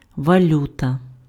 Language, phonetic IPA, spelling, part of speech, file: Ukrainian, [ʋɐˈlʲutɐ], валюта, noun, Uk-валюта.ogg
- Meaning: currency